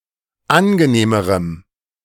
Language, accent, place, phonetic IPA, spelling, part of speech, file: German, Germany, Berlin, [ˈanɡəˌneːməʁəm], angenehmerem, adjective, De-angenehmerem.ogg
- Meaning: strong dative masculine/neuter singular comparative degree of angenehm